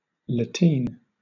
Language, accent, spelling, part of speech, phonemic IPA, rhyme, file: English, Southern England, lateen, noun, /ləˈtiːn/, -iːn, LL-Q1860 (eng)-lateen.wav
- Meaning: A triangular fore-and-aft sail set on a boom in such way that the tack is attached to the hull of the vessel and the free end of the boom lifts the sail